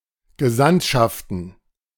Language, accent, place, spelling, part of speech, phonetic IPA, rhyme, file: German, Germany, Berlin, Gesandtschaften, noun, [ɡəˈzantʃaftn̩], -antʃaftn̩, De-Gesandtschaften.ogg
- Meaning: plural of Gesandtschaft